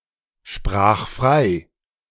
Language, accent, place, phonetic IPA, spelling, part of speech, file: German, Germany, Berlin, [ˌʃpʁaːx ˈfʁaɪ̯], sprach frei, verb, De-sprach frei.ogg
- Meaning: first/third-person singular preterite of freisprechen